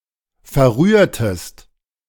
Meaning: inflection of verrühren: 1. second-person singular preterite 2. second-person singular subjunctive II
- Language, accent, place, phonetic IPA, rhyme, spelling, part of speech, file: German, Germany, Berlin, [fɛɐ̯ˈʁyːɐ̯təst], -yːɐ̯təst, verrührtest, verb, De-verrührtest.ogg